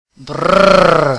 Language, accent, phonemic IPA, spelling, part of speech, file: French, Canada, /bʁ/, brrr, interjection, Qc-brrr.ogg
- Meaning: brr; brrr